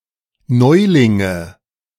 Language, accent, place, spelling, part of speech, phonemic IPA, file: German, Germany, Berlin, Neulinge, noun, /ˈnɔɪ̯lɪŋə/, De-Neulinge.ogg
- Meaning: nominative/accusative/genitive plural of Neuling